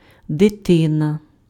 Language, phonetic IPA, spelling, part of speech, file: Ukrainian, [deˈtɪnɐ], дитина, noun, Uk-дитина.ogg
- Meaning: child (a male or female child, a son or daughter)